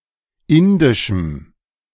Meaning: strong dative masculine/neuter singular of indisch
- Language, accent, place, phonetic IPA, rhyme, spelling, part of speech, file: German, Germany, Berlin, [ˈɪndɪʃm̩], -ɪndɪʃm̩, indischem, adjective, De-indischem.ogg